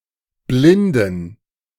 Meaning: inflection of blind: 1. strong genitive masculine/neuter singular 2. weak/mixed genitive/dative all-gender singular 3. strong/weak/mixed accusative masculine singular 4. strong dative plural
- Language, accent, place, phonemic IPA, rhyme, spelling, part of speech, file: German, Germany, Berlin, /ˈblɪndn̩/, -ɪndn̩, blinden, adjective, De-blinden.ogg